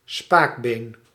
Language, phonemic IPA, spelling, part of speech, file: Dutch, /ˈspakben/, spaakbeen, noun, Nl-spaakbeen.ogg
- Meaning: a radius, either of two major bones in upper - and lower arm